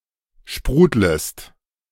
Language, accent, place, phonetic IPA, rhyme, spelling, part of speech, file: German, Germany, Berlin, [ˈʃpʁuːdləst], -uːdləst, sprudlest, verb, De-sprudlest.ogg
- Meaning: second-person singular subjunctive I of sprudeln